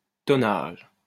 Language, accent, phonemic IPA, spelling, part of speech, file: French, France, /tɔ.naʒ/, tonnage, noun, LL-Q150 (fra)-tonnage.wav
- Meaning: tonnage